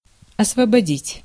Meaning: 1. to free, to liberate, to emancipate, to set free 2. to free (from); to exempt (from) 3. to dismiss 4. to clear, to empty
- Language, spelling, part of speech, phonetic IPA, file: Russian, освободить, verb, [ɐsvəbɐˈdʲitʲ], Ru-освободить.ogg